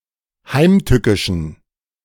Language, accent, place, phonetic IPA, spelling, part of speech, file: German, Germany, Berlin, [ˈhaɪ̯mˌtʏkɪʃn̩], heimtückischen, adjective, De-heimtückischen.ogg
- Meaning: inflection of heimtückisch: 1. strong genitive masculine/neuter singular 2. weak/mixed genitive/dative all-gender singular 3. strong/weak/mixed accusative masculine singular 4. strong dative plural